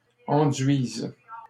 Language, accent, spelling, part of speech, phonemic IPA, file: French, Canada, enduisent, verb, /ɑ̃.dɥiz/, LL-Q150 (fra)-enduisent.wav
- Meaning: third-person plural present indicative/subjunctive of enduire